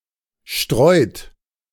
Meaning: inflection of streuen: 1. third-person singular present 2. second-person plural present 3. plural imperative
- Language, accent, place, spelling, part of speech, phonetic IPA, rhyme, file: German, Germany, Berlin, streut, verb, [ʃtʁɔɪ̯t], -ɔɪ̯t, De-streut.ogg